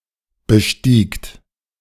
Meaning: second-person plural preterite of besteigen
- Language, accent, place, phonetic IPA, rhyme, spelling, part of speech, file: German, Germany, Berlin, [bəˈʃtiːkt], -iːkt, bestiegt, verb, De-bestiegt.ogg